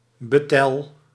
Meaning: betel: 1. betel vine, Piper betle 2. betel palm, Areca catechu
- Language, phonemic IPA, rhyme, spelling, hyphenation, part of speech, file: Dutch, /ˈbeː.təl/, -eːtəl, betel, be‧tel, noun, Nl-betel.ogg